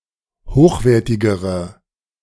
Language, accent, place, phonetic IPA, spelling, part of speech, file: German, Germany, Berlin, [ˈhoːxˌveːɐ̯tɪɡəʁə], hochwertigere, adjective, De-hochwertigere.ogg
- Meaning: inflection of hochwertig: 1. strong/mixed nominative/accusative feminine singular comparative degree 2. strong nominative/accusative plural comparative degree